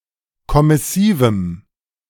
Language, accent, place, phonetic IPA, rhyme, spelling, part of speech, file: German, Germany, Berlin, [kɔmɪˈsiːvm̩], -iːvm̩, kommissivem, adjective, De-kommissivem.ogg
- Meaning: strong dative masculine/neuter singular of kommissiv